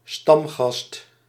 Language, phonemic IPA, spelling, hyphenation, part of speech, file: Dutch, /stɑmɣɑst/, stamgast, stam‧gast, noun, Nl-stamgast.ogg
- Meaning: patron, regular customer, especially to a pub